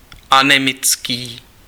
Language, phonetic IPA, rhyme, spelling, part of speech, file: Czech, [ˈanɛmɪt͡skiː], -ɪtskiː, anemický, adjective, Cs-anemický.ogg
- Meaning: anemic